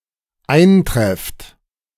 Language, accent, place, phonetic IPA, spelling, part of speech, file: German, Germany, Berlin, [ˈaɪ̯nˌtʁɛft], eintrefft, verb, De-eintrefft.ogg
- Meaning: second-person plural dependent present of eintreffen